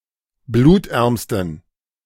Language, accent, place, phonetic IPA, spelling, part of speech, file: German, Germany, Berlin, [ˈbluːtˌʔɛʁmstn̩], blutärmsten, adjective, De-blutärmsten.ogg
- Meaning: superlative degree of blutarm